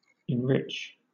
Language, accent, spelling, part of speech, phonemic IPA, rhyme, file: English, Southern England, enrich, verb, /ɪnˈɹɪt͡ʃ/, -ɪtʃ, LL-Q1860 (eng)-enrich.wav
- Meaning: 1. To enhance 2. To make (someone or something) rich or richer 3. To adorn, ornate more richly 4. To add nutrients or fertilizer to the soil; to fertilize